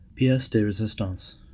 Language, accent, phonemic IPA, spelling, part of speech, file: English, US, /piˈɛs də ɹəˈzɪs.tɑ̃s/, pièce de résistance, noun, En-us-pièce-de-résistance.ogg
- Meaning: 1. A masterpiece; the most memorable accomplishment of one’s career or lifetime 2. The chief dish at a dinner